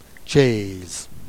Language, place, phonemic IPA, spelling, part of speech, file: Jèrriais, Jersey, /t͡ʃɛːz/, tchaîse, noun, Jer-Tchaîse.ogg
- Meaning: chair